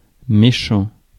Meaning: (adjective) 1. bad, mediocre 2. mean, unkind; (noun) 1. jerk (cruel person) 2. baddie, bad guy, villain
- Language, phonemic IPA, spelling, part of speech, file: French, /me.ʃɑ̃/, méchant, adjective / noun, Fr-méchant.ogg